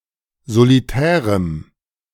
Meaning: strong dative masculine/neuter singular of solitär
- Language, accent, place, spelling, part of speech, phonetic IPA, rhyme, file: German, Germany, Berlin, solitärem, adjective, [zoliˈtɛːʁəm], -ɛːʁəm, De-solitärem.ogg